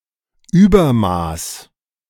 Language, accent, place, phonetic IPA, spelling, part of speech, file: German, Germany, Berlin, [ˈyːbɐˌmaːs], Übermaß, noun, De-Übermaß.ogg
- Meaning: 1. excess 2. overkill